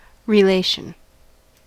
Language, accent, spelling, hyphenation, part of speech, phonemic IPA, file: English, US, relation, re‧la‧tion, noun, /ɹɪˈleɪʃ(ə)n/, En-us-relation.ogg
- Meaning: 1. The manner in which two things may be associated 2. A member of one's extended family; a relative 3. A relationship; the manner in which and tone with which people or states, etc. interact